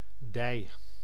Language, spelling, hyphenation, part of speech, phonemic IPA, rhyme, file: Dutch, dij, dij, noun / pronoun, /dɛi̯/, -ɛi̯, Nl-dij.ogg
- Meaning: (noun) thigh; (pronoun) Second-person singular, objective: thee